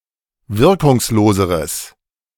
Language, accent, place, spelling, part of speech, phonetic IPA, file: German, Germany, Berlin, wirkungsloseres, adjective, [ˈvɪʁkʊŋsˌloːzəʁəs], De-wirkungsloseres.ogg
- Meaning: strong/mixed nominative/accusative neuter singular comparative degree of wirkungslos